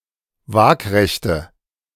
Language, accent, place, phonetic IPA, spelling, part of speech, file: German, Germany, Berlin, [ˈvaːkʁɛçtə], waagrechte, adjective, De-waagrechte.ogg
- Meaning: inflection of waagrecht: 1. strong/mixed nominative/accusative feminine singular 2. strong nominative/accusative plural 3. weak nominative all-gender singular